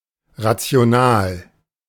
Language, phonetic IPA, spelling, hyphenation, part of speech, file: German, [ˌʁat͡si̯oˈnaːl], rational, ra‧ti‧o‧nal, adjective, De-rational.oga
- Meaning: rational